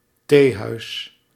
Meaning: teahouse (establishment primarily serving tea)
- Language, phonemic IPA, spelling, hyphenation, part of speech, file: Dutch, /ˈteː.ɦœy̯s/, theehuis, thee‧huis, noun, Nl-theehuis.ogg